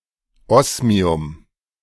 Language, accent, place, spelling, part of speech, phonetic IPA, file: German, Germany, Berlin, Osmium, noun, [ˈɔsmiʊm], De-Osmium.ogg
- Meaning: osmium